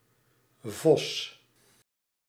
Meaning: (noun) 1. fox, carnivore of the tribe Vulpini 2. red fox (Vulpes vulpes) 3. fox fur 4. a crafty, ingenious person 5. horse with red or red-brown fur
- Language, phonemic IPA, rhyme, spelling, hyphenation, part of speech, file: Dutch, /vɔs/, -ɔs, vos, vos, noun / verb, Nl-vos.ogg